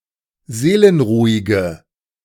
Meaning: inflection of seelenruhig: 1. strong/mixed nominative/accusative feminine singular 2. strong nominative/accusative plural 3. weak nominative all-gender singular
- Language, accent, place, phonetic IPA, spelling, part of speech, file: German, Germany, Berlin, [ˈzeːlənˌʁuːɪɡə], seelenruhige, adjective, De-seelenruhige.ogg